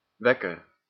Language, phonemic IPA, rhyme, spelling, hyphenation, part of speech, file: Dutch, /ˈʋɛ.kər/, -ɛkər, wekker, wek‧ker, noun, Nl-wekker.ogg
- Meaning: 1. an alarm clock 2. someone who wakes other people